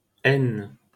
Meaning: 1. Aisne (a department of Hauts-de-France, France) 2. Aisne (a left tributary of the Oise, flowing through the departments of Meuse, Marne, Ardennes, Aisne and Oise, in northeastern France)
- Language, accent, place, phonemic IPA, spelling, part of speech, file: French, France, Paris, /ɛn/, Aisne, proper noun, LL-Q150 (fra)-Aisne.wav